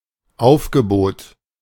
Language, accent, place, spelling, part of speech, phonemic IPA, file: German, Germany, Berlin, Aufgebot, noun, /ˈaʊ̯fɡəˌboːt/, De-Aufgebot.ogg
- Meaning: 1. contingent, posse, squad (number of people summoned and assembled for some task) 2. squad 3. array (of things, e.g. food at a buffet) 4. summoning, call, appeal